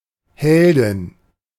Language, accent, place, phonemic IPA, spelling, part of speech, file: German, Germany, Berlin, /ˈhɛldɪn/, Heldin, noun, De-Heldin.ogg
- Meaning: heroine